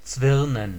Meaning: to twine
- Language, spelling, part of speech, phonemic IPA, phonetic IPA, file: German, zwirnen, verb, /ˈtsvɪʁnən/, [ˈtsvɪʁnn̩], De-zwirnen.ogg